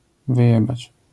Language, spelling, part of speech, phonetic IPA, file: Polish, wyjebać, verb, [vɨˈjɛbat͡ɕ], LL-Q809 (pol)-wyjebać.wav